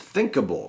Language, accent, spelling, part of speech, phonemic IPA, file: English, US, thinkable, adjective / noun, /ˈθɪŋkəbəl/, En-us-thinkable.ogg
- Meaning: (adjective) 1. Able to be thought or imagined; conceivable 2. Morally acceptable or legal; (noun) Something that can be thought about